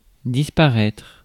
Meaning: 1. to disappear 2. to despawn
- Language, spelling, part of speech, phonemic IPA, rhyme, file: French, disparaître, verb, /dis.pa.ʁɛtʁ/, -ɛtʁ, Fr-disparaître.ogg